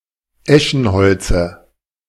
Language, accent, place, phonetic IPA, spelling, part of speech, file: German, Germany, Berlin, [ˈɛʃn̩ˌhɔlt͡sə], Eschenholze, noun, De-Eschenholze.ogg
- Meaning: dative singular of Eschenholz